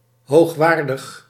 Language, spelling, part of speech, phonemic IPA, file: Dutch, hoogwaardig, adjective, /hoxˈwardəx/, Nl-hoogwaardig.ogg
- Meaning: 1. high-quality, first-rate 2. eminent